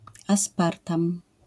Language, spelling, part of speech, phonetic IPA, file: Polish, aspartam, noun, [asˈpartãm], LL-Q809 (pol)-aspartam.wav